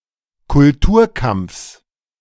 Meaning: genitive singular of Kulturkampf
- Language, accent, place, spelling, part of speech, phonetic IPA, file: German, Germany, Berlin, Kulturkampfs, noun, [kʊlˈtuːɐ̯ˌkamp͡fs], De-Kulturkampfs.ogg